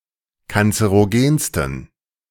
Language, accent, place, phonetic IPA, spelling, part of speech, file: German, Germany, Berlin, [kant͡səʁoˈɡeːnstn̩], kanzerogensten, adjective, De-kanzerogensten.ogg
- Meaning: 1. superlative degree of kanzerogen 2. inflection of kanzerogen: strong genitive masculine/neuter singular superlative degree